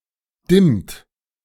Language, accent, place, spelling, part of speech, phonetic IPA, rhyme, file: German, Germany, Berlin, dimmt, verb, [dɪmt], -ɪmt, De-dimmt.ogg
- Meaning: inflection of dimmen: 1. third-person singular present 2. second-person plural present 3. plural imperative